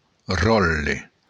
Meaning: role (the function or position of something)
- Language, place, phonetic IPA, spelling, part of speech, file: Occitan, Béarn, [ˈrɔtle], ròtle, noun, LL-Q14185 (oci)-ròtle.wav